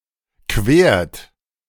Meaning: inflection of queren: 1. third-person singular present 2. second-person plural present 3. plural imperative
- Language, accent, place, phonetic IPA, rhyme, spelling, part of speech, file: German, Germany, Berlin, [kveːɐ̯t], -eːɐ̯t, quert, verb, De-quert.ogg